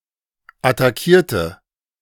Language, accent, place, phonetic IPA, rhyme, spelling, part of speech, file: German, Germany, Berlin, [ataˈkiːɐ̯tə], -iːɐ̯tə, attackierte, adjective / verb, De-attackierte.ogg
- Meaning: inflection of attackieren: 1. first/third-person singular preterite 2. first/third-person singular subjunctive II